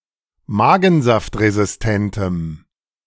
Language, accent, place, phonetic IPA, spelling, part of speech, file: German, Germany, Berlin, [ˈmaːɡn̩zaftʁezɪsˌtɛntəm], magensaftresistentem, adjective, De-magensaftresistentem.ogg
- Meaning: strong dative masculine/neuter singular of magensaftresistent